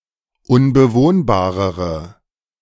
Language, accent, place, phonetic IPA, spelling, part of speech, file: German, Germany, Berlin, [ʊnbəˈvoːnbaːʁəʁə], unbewohnbarere, adjective, De-unbewohnbarere.ogg
- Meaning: inflection of unbewohnbar: 1. strong/mixed nominative/accusative feminine singular comparative degree 2. strong nominative/accusative plural comparative degree